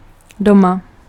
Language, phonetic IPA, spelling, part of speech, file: Czech, [ˈdoma], doma, adverb, Cs-doma.ogg
- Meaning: at home